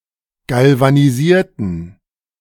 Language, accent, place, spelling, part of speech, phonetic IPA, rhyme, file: German, Germany, Berlin, galvanisierten, adjective / verb, [ˌɡalvaniˈziːɐ̯tn̩], -iːɐ̯tn̩, De-galvanisierten.ogg
- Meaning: inflection of galvanisieren: 1. first/third-person plural preterite 2. first/third-person plural subjunctive II